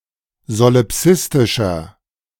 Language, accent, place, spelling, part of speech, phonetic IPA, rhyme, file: German, Germany, Berlin, solipsistischer, adjective, [zolɪˈpsɪstɪʃɐ], -ɪstɪʃɐ, De-solipsistischer.ogg
- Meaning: inflection of solipsistisch: 1. strong/mixed nominative masculine singular 2. strong genitive/dative feminine singular 3. strong genitive plural